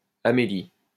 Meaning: a female given name, equivalent to English Amelia
- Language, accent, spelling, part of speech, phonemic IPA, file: French, France, Amélie, proper noun, /a.me.li/, LL-Q150 (fra)-Amélie.wav